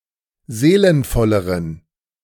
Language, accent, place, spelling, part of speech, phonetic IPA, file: German, Germany, Berlin, seelenvolleren, adjective, [ˈzeːlənfɔləʁən], De-seelenvolleren.ogg
- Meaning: inflection of seelenvoll: 1. strong genitive masculine/neuter singular comparative degree 2. weak/mixed genitive/dative all-gender singular comparative degree